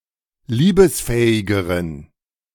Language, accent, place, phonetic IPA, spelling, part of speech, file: German, Germany, Berlin, [ˈliːbəsˌfɛːɪɡəʁən], liebesfähigeren, adjective, De-liebesfähigeren.ogg
- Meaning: inflection of liebesfähig: 1. strong genitive masculine/neuter singular comparative degree 2. weak/mixed genitive/dative all-gender singular comparative degree